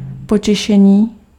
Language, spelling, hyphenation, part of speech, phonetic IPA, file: Czech, potěšení, po‧tě‧še‧ní, noun, [ˈpocɛʃɛɲiː], Cs-potěšení.ogg
- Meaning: 1. verbal noun of potěšit 2. pleasure (state of being pleased)